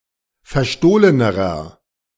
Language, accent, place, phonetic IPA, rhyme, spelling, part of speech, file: German, Germany, Berlin, [fɛɐ̯ˈʃtoːlənəʁɐ], -oːlənəʁɐ, verstohlenerer, adjective, De-verstohlenerer.ogg
- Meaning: inflection of verstohlen: 1. strong/mixed nominative masculine singular comparative degree 2. strong genitive/dative feminine singular comparative degree 3. strong genitive plural comparative degree